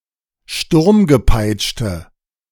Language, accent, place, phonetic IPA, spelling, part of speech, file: German, Germany, Berlin, [ˈʃtʊʁmɡəˌpaɪ̯t͡ʃtə], sturmgepeitschte, adjective, De-sturmgepeitschte.ogg
- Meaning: inflection of sturmgepeitscht: 1. strong/mixed nominative/accusative feminine singular 2. strong nominative/accusative plural 3. weak nominative all-gender singular